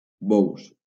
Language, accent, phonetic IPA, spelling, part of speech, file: Catalan, Valencia, [ˈbɔws], bous, noun, LL-Q7026 (cat)-bous.wav
- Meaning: plural of bou (“ox; steer; edible crab”)